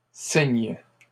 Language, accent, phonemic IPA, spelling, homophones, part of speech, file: French, Canada, /siɲ/, cygnes, cygne / signe / signent / signes, noun, LL-Q150 (fra)-cygnes.wav
- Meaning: plural of cygne